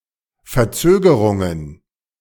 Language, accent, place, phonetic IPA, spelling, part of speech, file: German, Germany, Berlin, [fɛɐ̯ˈt͡søːɡəʁʊŋən], Verzögerungen, noun, De-Verzögerungen.ogg
- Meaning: plural of Verzögerung